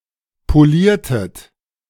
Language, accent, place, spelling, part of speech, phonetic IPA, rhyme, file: German, Germany, Berlin, poliertet, verb, [poˈliːɐ̯tət], -iːɐ̯tət, De-poliertet.ogg
- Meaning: inflection of polieren: 1. second-person plural preterite 2. second-person plural subjunctive II